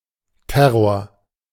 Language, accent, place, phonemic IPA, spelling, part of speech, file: German, Germany, Berlin, /ˈtɛʁoːɐ̯/, Terror, noun, De-Terror.ogg
- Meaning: terror